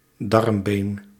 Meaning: ilium (pelvic bone)
- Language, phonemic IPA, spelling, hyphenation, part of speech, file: Dutch, /ˈdɑrm.beːn/, darmbeen, darm‧been, noun, Nl-darmbeen.ogg